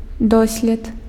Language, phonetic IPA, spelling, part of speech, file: Belarusian, [ˈdosʲlʲet], дослед, noun, Be-дослед.ogg
- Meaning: 1. experience 2. experiment